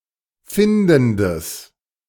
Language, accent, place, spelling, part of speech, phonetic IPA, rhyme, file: German, Germany, Berlin, findendes, adjective, [ˈfɪndn̩dəs], -ɪndn̩dəs, De-findendes.ogg
- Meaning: strong/mixed nominative/accusative neuter singular of findend